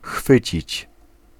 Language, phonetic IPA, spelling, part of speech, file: Polish, [ˈxfɨt͡ɕit͡ɕ], chwycić, verb, Pl-chwycić.ogg